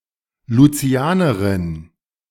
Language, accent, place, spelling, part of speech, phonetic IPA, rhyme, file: German, Germany, Berlin, Lucianerin, noun, [luˈt͡si̯aːnəʁɪn], -aːnəʁɪn, De-Lucianerin.ogg
- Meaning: female Saint Lucian